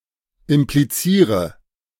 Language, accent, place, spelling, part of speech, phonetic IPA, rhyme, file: German, Germany, Berlin, impliziere, verb, [ɪmpliˈt͡siːʁə], -iːʁə, De-impliziere.ogg
- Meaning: inflection of implizieren: 1. first-person singular present 2. first/third-person singular subjunctive I 3. singular imperative